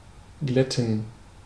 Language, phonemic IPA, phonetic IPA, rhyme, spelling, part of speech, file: German, /ˈɡlɛtən/, [ˈɡlɛtn̩], -ɛtn̩, glätten, verb, De-glätten.ogg
- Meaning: 1. to smooth 2. to unwrinkle